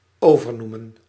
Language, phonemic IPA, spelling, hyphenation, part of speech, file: Dutch, /ˌoːvərˈnu.mə(n)/, overnoemen, over‧noe‧men, verb, Nl-overnoemen.ogg
- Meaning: to rename